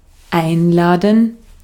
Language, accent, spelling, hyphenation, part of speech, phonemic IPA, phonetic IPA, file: German, Austria, einladen, ein‧la‧den, verb, /ˈaɪ̯nˌlaːdən/, [ˈʔaɪ̯nˌlaːdn̩], De-at-einladen.ogg
- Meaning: 1. to invite (to ask someone to come) 2. to invite (to make it seem easy or pleasant for someone to do something) 3. to treat (to food or drink, especially at one's own expense)